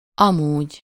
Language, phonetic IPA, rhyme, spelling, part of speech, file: Hungarian, [ˈɒmuːɟ], -uːɟ, amúgy, adverb, Hu-amúgy.ogg
- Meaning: 1. otherwise, anyway 2. by the way, for that matter, incidentally